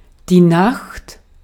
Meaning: 1. night 2. darkness
- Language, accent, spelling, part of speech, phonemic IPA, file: German, Austria, Nacht, noun, /naxt/, De-at-Nacht.ogg